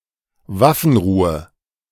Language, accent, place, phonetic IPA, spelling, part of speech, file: German, Germany, Berlin, [ˈvafn̩ˌʁuːə], Waffenruhe, noun, De-Waffenruhe.ogg
- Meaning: ceasefire, truce (agreed temporary cessation of combat)